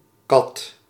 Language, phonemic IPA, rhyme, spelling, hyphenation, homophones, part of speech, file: Dutch, /kɑt/, -ɑt, kat, kat, qat, noun / verb, Nl-kat.ogg
- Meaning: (noun) 1. domestic cat, pussy, Felis silvestris catus 2. feline 3. female cat 4. cat, tortoise (a wheeled gallery offering protection to approaching besiegers; a medieval siege weapon)